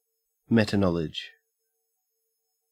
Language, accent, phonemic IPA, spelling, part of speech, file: English, Australia, /ˈmɛtəˌnɒlɪd͡ʒ/, metaknowledge, noun, En-au-metaknowledge.ogg
- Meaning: 1. Knowledge about knowledge itself (for example, epistemologic awareness) 2. Knowledge about types, domains, functions, or preconditions of knowledge